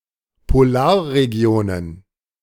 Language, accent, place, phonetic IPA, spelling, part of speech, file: German, Germany, Berlin, [poˈlaːɐ̯ʁeˌɡi̯oːnən], Polarregionen, noun, De-Polarregionen.ogg
- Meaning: plural of Polarregion